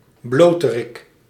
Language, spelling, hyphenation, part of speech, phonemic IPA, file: Dutch, bloterik, blo‧te‧rik, noun, /ˈbloː.tə.rɪk/, Nl-bloterik.ogg
- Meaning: 1. someone who is (nearly) naked, often boldly or in an unconventional place; an exhibitionist 2. the nude, naked state